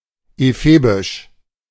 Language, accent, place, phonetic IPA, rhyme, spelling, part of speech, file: German, Germany, Berlin, [eˈfeːbɪʃ], -eːbɪʃ, ephebisch, adjective, De-ephebisch.ogg
- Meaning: ephebic